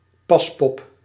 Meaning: mannequin
- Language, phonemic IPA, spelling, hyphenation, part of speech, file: Dutch, /ˈpɑs.pɔp/, paspop, pas‧pop, noun, Nl-paspop.ogg